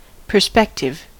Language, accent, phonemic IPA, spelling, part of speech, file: English, US, /pɚˈspɛk.tɪv/, perspective, noun / adjective, En-us-perspective.ogg
- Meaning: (noun) 1. A view, vista or outlook 2. The appearance of depth in objects, especially as perceived using binocular vision